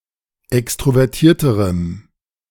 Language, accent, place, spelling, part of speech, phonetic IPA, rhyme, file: German, Germany, Berlin, extrovertierterem, adjective, [ˌɛkstʁovɛʁˈtiːɐ̯təʁəm], -iːɐ̯təʁəm, De-extrovertierterem.ogg
- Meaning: strong dative masculine/neuter singular comparative degree of extrovertiert